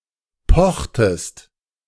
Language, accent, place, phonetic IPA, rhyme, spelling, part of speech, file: German, Germany, Berlin, [ˈpɔxtəst], -ɔxtəst, pochtest, verb, De-pochtest.ogg
- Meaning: inflection of pochen: 1. second-person singular preterite 2. second-person singular subjunctive II